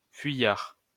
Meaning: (adjective) fleeing; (noun) 1. fleer, runaway 2. deserter (someone who runs away from battle)
- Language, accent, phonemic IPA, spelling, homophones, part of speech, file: French, France, /fɥi.jaʁ/, fuyard, fuyards, adjective / noun, LL-Q150 (fra)-fuyard.wav